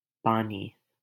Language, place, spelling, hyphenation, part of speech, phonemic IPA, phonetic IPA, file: Hindi, Delhi, पानी, पा‧नी, noun, /pɑː.niː/, [päː.niː], LL-Q1568 (hin)-पानी.wav
- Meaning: 1. water 2. rain, monsoon 3. lustre, brightness (of a gem, or blade)